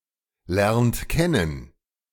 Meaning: inflection of kennenlernen: 1. second-person plural present 2. third-person singular present 3. plural imperative
- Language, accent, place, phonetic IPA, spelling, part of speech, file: German, Germany, Berlin, [ˌlɛʁnt ˈkɛnən], lernt kennen, verb, De-lernt kennen.ogg